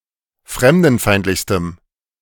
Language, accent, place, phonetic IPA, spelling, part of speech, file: German, Germany, Berlin, [ˈfʁɛmdn̩ˌfaɪ̯ntlɪçstəm], fremdenfeindlichstem, adjective, De-fremdenfeindlichstem.ogg
- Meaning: strong dative masculine/neuter singular superlative degree of fremdenfeindlich